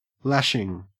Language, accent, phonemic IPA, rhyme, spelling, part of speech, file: English, Australia, /ˈlæʃɪŋ/, -æʃɪŋ, lashing, noun / verb, En-au-lashing.ogg
- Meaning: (noun) 1. Something used to tie something or lash it to something 2. The act of one who, or that which, lashes; castigation, chastisement